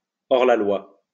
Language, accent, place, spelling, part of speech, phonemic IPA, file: French, France, Lyon, hors-la-loi, noun, /ɔʁ.la.lwa/, LL-Q150 (fra)-hors-la-loi.wav
- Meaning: outlaw (a fugitive from the law)